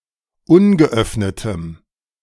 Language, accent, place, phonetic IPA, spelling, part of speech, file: German, Germany, Berlin, [ˈʊnɡəˌʔœfnətəm], ungeöffnetem, adjective, De-ungeöffnetem.ogg
- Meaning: strong dative masculine/neuter singular of ungeöffnet